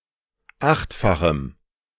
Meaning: strong dative masculine/neuter singular of achtfach
- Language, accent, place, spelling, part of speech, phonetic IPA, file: German, Germany, Berlin, achtfachem, adjective, [ˈaxtfaxm̩], De-achtfachem.ogg